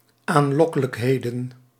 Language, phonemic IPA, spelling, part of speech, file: Dutch, /anˈlɔkələkˌhedə(n)/, aanlokkelijkheden, noun, Nl-aanlokkelijkheden.ogg
- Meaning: plural of aanlokkelijkheid